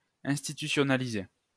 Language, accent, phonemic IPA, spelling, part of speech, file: French, France, /ɛ̃s.ti.ty.sjɔ.na.li.ze/, institutionnaliser, verb, LL-Q150 (fra)-institutionnaliser.wav
- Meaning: to institutionalise